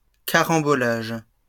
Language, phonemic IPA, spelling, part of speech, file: French, /ka.ʁɑ̃.bɔ.laʒ/, carambolage, noun, LL-Q150 (fra)-carambolage.wav
- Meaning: 1. a carom, a cannon 2. pile-up (car accident involving 3 or more cars hitting each other successively)